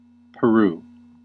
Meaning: 1. A country in South America. Official name: Republic of Peru. Capital and largest city: Lima 2. Places in the United States: A city in Illinois
- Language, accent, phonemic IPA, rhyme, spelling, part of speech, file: English, US, /pəˈɹu/, -uː, Peru, proper noun, En-us-Peru.ogg